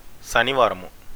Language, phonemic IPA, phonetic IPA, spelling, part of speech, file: Telugu, /ɕaniʋaːɾamu/, [ʃaniʋaːɾamu], శనివారము, noun, Te-శనివారము.ogg
- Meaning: Saturday